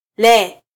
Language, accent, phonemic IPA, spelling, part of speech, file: Swahili, Kenya, /lɛ/, le, adjective / verb, Sw-ke-le.flac
- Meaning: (adjective) that (distal demonstrative adjective); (verb) subjunctive stem of -la (“to eat”)